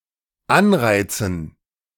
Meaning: dative plural of Anreiz
- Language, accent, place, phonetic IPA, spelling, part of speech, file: German, Germany, Berlin, [ˈanˌʁaɪ̯t͡sn̩], Anreizen, noun, De-Anreizen.ogg